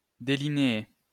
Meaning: to delineate
- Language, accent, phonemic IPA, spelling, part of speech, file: French, France, /de.li.ne.e/, délinéer, verb, LL-Q150 (fra)-délinéer.wav